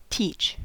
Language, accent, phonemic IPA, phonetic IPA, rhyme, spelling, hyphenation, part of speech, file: English, US, /ˈtiːt͡ʃ/, [ˈtʰɪi̯t͡ʃ], -iːtʃ, teach, teach, verb / noun, En-us-teach.ogg
- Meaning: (verb) 1. To pass on knowledge to 2. To pass on knowledge generally, especially as one's profession; to act as a teacher 3. To cause (someone) to learn or understand (something)